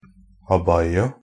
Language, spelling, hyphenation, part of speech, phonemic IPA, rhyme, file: Norwegian Bokmål, abaya, ab‧ay‧a, noun, /aˈbaja/, -aja, NB - Pronunciation of Norwegian Bokmål «abaya».ogg
- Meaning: an abaya, muslim women's piece of clothing used in the area around the Persian Gulf which consists of a long, black cloak that in some cases also covers the head